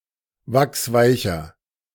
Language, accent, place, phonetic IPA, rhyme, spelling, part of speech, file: German, Germany, Berlin, [ˈvaksˈvaɪ̯çɐ], -aɪ̯çɐ, wachsweicher, adjective, De-wachsweicher.ogg
- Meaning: inflection of wachsweich: 1. strong/mixed nominative masculine singular 2. strong genitive/dative feminine singular 3. strong genitive plural